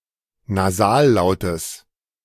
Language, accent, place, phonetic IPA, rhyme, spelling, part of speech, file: German, Germany, Berlin, [naˈzaːlˌlaʊ̯təs], -aːllaʊ̯təs, Nasallautes, noun, De-Nasallautes.ogg
- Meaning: genitive singular of Nasallaut